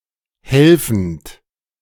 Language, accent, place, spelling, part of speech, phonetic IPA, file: German, Germany, Berlin, helfend, verb, [ˈhɛlfənt], De-helfend.ogg
- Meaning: present participle of helfen